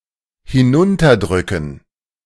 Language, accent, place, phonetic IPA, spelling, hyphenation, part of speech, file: German, Germany, Berlin, [hɪˈnʊntɐˌdʁʏkn̩], hinunterdrücken, hi‧n‧un‧ter‧drü‧cken, verb, De-hinunterdrücken.ogg
- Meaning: to press down